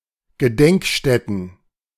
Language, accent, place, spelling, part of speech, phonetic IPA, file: German, Germany, Berlin, Gedenkstätten, noun, [ɡəˈdɛŋkˌʃtɛtn̩], De-Gedenkstätten.ogg
- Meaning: plural of Gedenkstätte